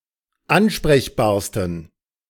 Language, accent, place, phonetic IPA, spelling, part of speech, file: German, Germany, Berlin, [ˈanʃpʁɛçbaːɐ̯stn̩], ansprechbarsten, adjective, De-ansprechbarsten.ogg
- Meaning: 1. superlative degree of ansprechbar 2. inflection of ansprechbar: strong genitive masculine/neuter singular superlative degree